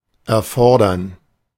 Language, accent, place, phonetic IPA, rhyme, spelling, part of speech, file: German, Germany, Berlin, [ɛɐ̯ˈfɔʁdɐn], -ɔʁdɐn, erfordern, verb, De-erfordern.ogg
- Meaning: to necessitate, to require